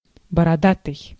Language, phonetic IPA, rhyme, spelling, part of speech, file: Russian, [bərɐˈdatɨj], -atɨj, бородатый, adjective, Ru-бородатый.ogg
- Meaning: bearded